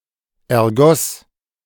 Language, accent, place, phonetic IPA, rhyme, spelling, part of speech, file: German, Germany, Berlin, [ɛɐ̯ˈɡɔs], -ɔs, ergoss, verb, De-ergoss.ogg
- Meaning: first/third-person singular preterite of ergießen